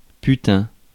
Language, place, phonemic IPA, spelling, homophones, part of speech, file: French, Paris, /py.tɛ̃/, putain, putains, noun / interjection, Fr-putain.ogg
- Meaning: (noun) 1. whore, hooker 2. bitch, cow (an unpleasant woman); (interjection) 1. fuck, fucking hell, bloody hell 2. used as an intensifier